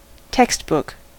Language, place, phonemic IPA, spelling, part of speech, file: English, California, /ˈtɛkst.bʊk/, textbook, noun / adjective, En-us-textbook.ogg
- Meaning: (noun) A coursebook, a formal manual of instruction in a specific subject, especially one for use in schools or colleges